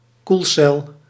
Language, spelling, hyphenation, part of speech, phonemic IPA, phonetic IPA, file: Dutch, koelcel, koel‧cel, noun, /ˈkul.sɛl/, [ˈkuɫ.sɛɫ], Nl-koelcel.ogg
- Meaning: a refrigerated room, a cold room